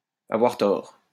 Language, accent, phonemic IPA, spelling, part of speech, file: French, France, /a.vwaʁ tɔʁ/, avoir tort, verb, LL-Q150 (fra)-avoir tort.wav
- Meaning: to be wrong; to be incorrect